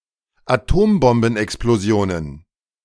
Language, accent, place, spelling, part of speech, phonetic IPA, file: German, Germany, Berlin, Atombombenexplosionen, noun, [aˈtoːmbɔmbn̩ʔɛksploˌzi̯oːnən], De-Atombombenexplosionen.ogg
- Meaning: plural of Atombombenexplosion